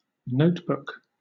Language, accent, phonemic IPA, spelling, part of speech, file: English, Southern England, /ˈnəʊtˌbʊk/, notebook, noun, LL-Q1860 (eng)-notebook.wav
- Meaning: A book (physical or digital) in which notes or memoranda are written